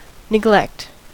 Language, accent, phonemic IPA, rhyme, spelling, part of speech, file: English, US, /nɪˈɡlɛkt/, -ɛkt, neglect, verb / noun, En-us-neglect.ogg
- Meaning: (verb) 1. To fail to care for or attend to something 2. To omit to notice; to forbear to treat with attention or respect; to slight